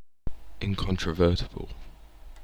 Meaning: Not capable of being denied, challenged, or disputed; closed to questioning
- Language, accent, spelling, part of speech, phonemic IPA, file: English, UK, incontrovertible, adjective, /ˌɪŋ.kɒn.tɹəˈvɜː.təbl̩/, En-uk-incontrovertible.ogg